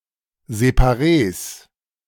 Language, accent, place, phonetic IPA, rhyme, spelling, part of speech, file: German, Germany, Berlin, [zepaˈʁeːs], -eːs, Séparées, noun, De-Séparées.ogg
- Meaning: plural of Séparée